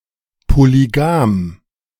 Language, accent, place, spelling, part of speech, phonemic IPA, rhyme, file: German, Germany, Berlin, polygam, adjective, /polyˈɡaːm/, -aːm, De-polygam.ogg
- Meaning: polygamous